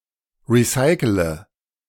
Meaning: inflection of recyceln: 1. first-person singular present 2. first-person plural subjunctive I 3. third-person singular subjunctive I 4. singular imperative
- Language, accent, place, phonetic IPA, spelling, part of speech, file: German, Germany, Berlin, [ˌʁiˈsaɪ̯kələ], recycele, verb, De-recycele.ogg